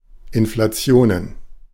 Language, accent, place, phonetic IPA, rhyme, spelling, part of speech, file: German, Germany, Berlin, [ɪnflaˈt͡si̯oːnən], -oːnən, Inflationen, noun, De-Inflationen.ogg
- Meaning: plural of Inflation